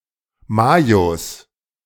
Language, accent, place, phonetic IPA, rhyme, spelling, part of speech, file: German, Germany, Berlin, [ˈmaːjos], -aːjos, Majos, noun, De-Majos.ogg
- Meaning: plural of Majo